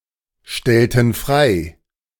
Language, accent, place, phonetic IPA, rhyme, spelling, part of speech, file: German, Germany, Berlin, [ˈʃtɛltəst], -ɛltəst, stelltest, verb, De-stelltest.ogg
- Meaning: inflection of stellen: 1. second-person singular preterite 2. second-person singular subjunctive II